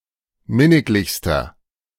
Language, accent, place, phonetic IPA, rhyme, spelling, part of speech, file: German, Germany, Berlin, [ˈmɪnɪklɪçstɐ], -ɪnɪklɪçstɐ, minniglichster, adjective, De-minniglichster.ogg
- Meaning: inflection of minniglich: 1. strong/mixed nominative masculine singular superlative degree 2. strong genitive/dative feminine singular superlative degree 3. strong genitive plural superlative degree